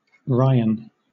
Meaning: A surname: A surname from Irish, an anglicization of Ó Riaghain, Ó Riain (literally “descendant of Riaghan, Rian”)
- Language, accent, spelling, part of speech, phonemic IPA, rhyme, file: English, Southern England, Ryan, proper noun, /ˈɹaɪən/, -aɪən, LL-Q1860 (eng)-Ryan.wav